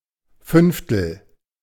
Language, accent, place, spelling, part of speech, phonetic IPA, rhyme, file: German, Germany, Berlin, Fünftel, noun, [ˈfʏnftl̩], -ʏnftl̩, De-Fünftel.ogg
- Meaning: fifth